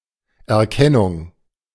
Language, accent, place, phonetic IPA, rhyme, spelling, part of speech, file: German, Germany, Berlin, [ɛɐ̯ˈkɛnʊŋ], -ɛnʊŋ, Erkennung, noun, De-Erkennung.ogg
- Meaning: 1. recognition, identification 2. detection 3. cognition